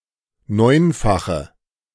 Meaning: inflection of neunfach: 1. strong/mixed nominative/accusative feminine singular 2. strong nominative/accusative plural 3. weak nominative all-gender singular
- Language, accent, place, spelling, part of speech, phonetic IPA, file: German, Germany, Berlin, neunfache, adjective, [ˈnɔɪ̯nfaxə], De-neunfache.ogg